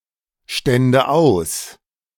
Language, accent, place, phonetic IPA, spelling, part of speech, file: German, Germany, Berlin, [ˌʃtɛndə ˈaʊ̯s], stände aus, verb, De-stände aus.ogg
- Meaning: first/third-person singular subjunctive II of ausstehen